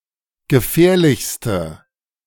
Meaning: inflection of gefährlich: 1. strong/mixed nominative/accusative feminine singular superlative degree 2. strong nominative/accusative plural superlative degree
- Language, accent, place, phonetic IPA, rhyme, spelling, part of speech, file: German, Germany, Berlin, [ɡəˈfɛːɐ̯lɪçstə], -ɛːɐ̯lɪçstə, gefährlichste, adjective, De-gefährlichste.ogg